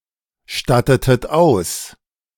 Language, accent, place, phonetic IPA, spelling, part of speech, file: German, Germany, Berlin, [ˌʃtatətət ˈaʊ̯s], stattetet aus, verb, De-stattetet aus.ogg
- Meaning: inflection of ausstatten: 1. second-person plural preterite 2. second-person plural subjunctive II